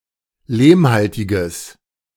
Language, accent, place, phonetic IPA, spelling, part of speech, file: German, Germany, Berlin, [ˈleːmˌhaltɪɡəs], lehmhaltiges, adjective, De-lehmhaltiges.ogg
- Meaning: strong/mixed nominative/accusative neuter singular of lehmhaltig